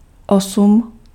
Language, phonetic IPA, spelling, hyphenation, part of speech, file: Czech, [ˈosm̩], osm, osm, numeral, Cs-osm.ogg
- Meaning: eight